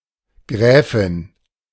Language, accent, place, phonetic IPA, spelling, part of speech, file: German, Germany, Berlin, [ˈɡʁɛːfɪn], Gräfin, noun, De-Gräfin.ogg
- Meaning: countess